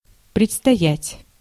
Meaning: 1. to lie ahead, to be at hand, to be in the offing 2. to have to do something in the future
- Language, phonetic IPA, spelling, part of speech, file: Russian, [prʲɪt͡stɐˈjætʲ], предстоять, verb, Ru-предстоять.ogg